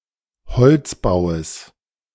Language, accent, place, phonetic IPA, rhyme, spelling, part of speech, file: German, Germany, Berlin, [bəˈt͡siːət], -iːət, beziehet, verb, De-beziehet.ogg
- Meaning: second-person plural subjunctive I of beziehen